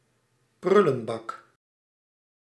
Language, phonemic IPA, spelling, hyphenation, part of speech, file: Dutch, /ˈprʏ.lə(n)ˌbɑk/, prullenbak, prul‧len‧bak, noun, Nl-prullenbak.ogg
- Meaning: waste bin, wastebasket (often specifically wastepaper basket)